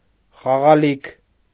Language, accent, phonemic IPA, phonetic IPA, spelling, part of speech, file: Armenian, Eastern Armenian, /χɑʁɑˈlikʰ/, [χɑʁɑlíkʰ], խաղալիք, noun, Hy-խաղալիք.ogg
- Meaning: toy